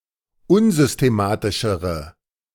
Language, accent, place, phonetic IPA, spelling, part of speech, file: German, Germany, Berlin, [ˈʊnzʏsteˌmaːtɪʃəʁə], unsystematischere, adjective, De-unsystematischere.ogg
- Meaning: inflection of unsystematisch: 1. strong/mixed nominative/accusative feminine singular comparative degree 2. strong nominative/accusative plural comparative degree